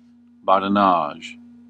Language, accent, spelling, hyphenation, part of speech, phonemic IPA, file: English, US, badinage, bad‧i‧nage, noun / verb, /ˌbɑd.ɪˈnɑʒ/, En-us-badinage.ogg
- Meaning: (noun) Playful raillery; banter; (verb) To engage in badinage or playful banter